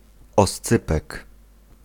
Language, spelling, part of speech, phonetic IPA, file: Polish, oscypek, noun, [ɔsˈt͡sɨpɛk], Pl-oscypek.ogg